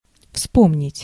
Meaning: to remember, to recall, to recollect
- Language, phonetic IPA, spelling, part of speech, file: Russian, [ˈfspomnʲɪtʲ], вспомнить, verb, Ru-вспомнить.ogg